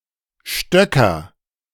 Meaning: nominative/accusative/genitive plural of Stock
- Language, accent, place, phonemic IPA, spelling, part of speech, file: German, Germany, Berlin, /ˈʃtœkɐ/, Stöcker, noun, De-Stöcker.ogg